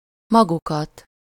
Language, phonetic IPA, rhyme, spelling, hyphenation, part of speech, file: Hungarian, [ˈmɒɡukɒt], -ɒt, magukat, ma‧gu‧kat, pronoun, Hu-magukat.ogg
- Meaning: 1. accusative of maguk (“themselves”, reflexive): themselves (as the direct object of a verb) 2. accusative of maguk (“you all”, formal): you, you all, you guys (as the direct object of a verb)